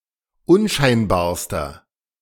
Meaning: inflection of unscheinbar: 1. strong/mixed nominative masculine singular superlative degree 2. strong genitive/dative feminine singular superlative degree 3. strong genitive plural superlative degree
- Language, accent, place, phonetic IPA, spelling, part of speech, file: German, Germany, Berlin, [ˈʊnˌʃaɪ̯nbaːɐ̯stɐ], unscheinbarster, adjective, De-unscheinbarster.ogg